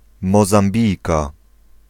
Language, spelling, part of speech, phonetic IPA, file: Polish, Mozambijka, noun, [ˌmɔzãmˈbʲijka], Pl-Mozambijka.ogg